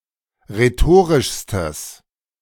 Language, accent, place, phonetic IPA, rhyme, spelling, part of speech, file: German, Germany, Berlin, [ʁeˈtoːʁɪʃstəs], -oːʁɪʃstəs, rhetorischstes, adjective, De-rhetorischstes.ogg
- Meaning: strong/mixed nominative/accusative neuter singular superlative degree of rhetorisch